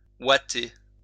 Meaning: to cotton-wool (cover with cotton wool)
- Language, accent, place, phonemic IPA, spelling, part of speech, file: French, France, Lyon, /wa.te/, ouater, verb, LL-Q150 (fra)-ouater.wav